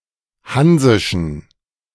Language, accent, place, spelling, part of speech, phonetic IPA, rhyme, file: German, Germany, Berlin, hansischen, adjective, [ˈhanzɪʃn̩], -anzɪʃn̩, De-hansischen.ogg
- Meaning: inflection of hansisch: 1. strong genitive masculine/neuter singular 2. weak/mixed genitive/dative all-gender singular 3. strong/weak/mixed accusative masculine singular 4. strong dative plural